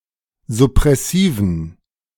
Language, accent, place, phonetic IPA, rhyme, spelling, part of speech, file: German, Germany, Berlin, [zʊpʁɛˈsiːvn̩], -iːvn̩, suppressiven, adjective, De-suppressiven.ogg
- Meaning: inflection of suppressiv: 1. strong genitive masculine/neuter singular 2. weak/mixed genitive/dative all-gender singular 3. strong/weak/mixed accusative masculine singular 4. strong dative plural